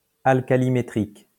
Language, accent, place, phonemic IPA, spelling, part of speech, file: French, France, Lyon, /al.ka.li.me.tʁik/, alcalimétrique, adjective, LL-Q150 (fra)-alcalimétrique.wav
- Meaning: alkalimetric